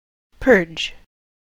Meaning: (verb) 1. To clean thoroughly; to rid of impurities; to cleanse; to clear of (something unwanted) 2. To remove by cleansing; to wash away 3. To free from sin, guilt, or burden
- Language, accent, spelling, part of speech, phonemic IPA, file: English, US, purge, verb / noun, /pɜɹd͡ʒ/, En-us-purge.ogg